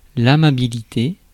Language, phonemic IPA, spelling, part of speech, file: French, /a.ma.bi.li.te/, amabilité, noun, Fr-amabilité.ogg
- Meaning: 1. kindness 2. friendliness 3. gentleness